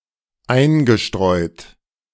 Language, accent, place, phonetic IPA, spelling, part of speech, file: German, Germany, Berlin, [ˈaɪ̯nɡəˌʃtʁɔɪ̯t], eingestreut, verb, De-eingestreut.ogg
- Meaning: past participle of einstreuen